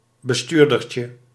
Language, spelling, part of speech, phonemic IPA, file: Dutch, bestuurdertje, noun, /bəˈstyrdərcə/, Nl-bestuurdertje.ogg
- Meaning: diminutive of bestuurder